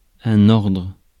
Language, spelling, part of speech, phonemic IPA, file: French, ordre, noun, /ɔʁdʁ/, Fr-ordre.ogg
- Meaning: 1. order (way in which things are arranged) 2. order (group) 3. order (calm) 4. region (used in estimations) 5. kind, sort 6. order (tidiness) 7. order (instruction) 8. order 9. classical order